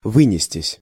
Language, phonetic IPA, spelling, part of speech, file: Russian, [ˈvɨnʲɪsʲtʲɪsʲ], вынестись, verb, Ru-вынестись.ogg
- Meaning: 1. to dart out, to fly out 2. passive of вы́нести (výnesti)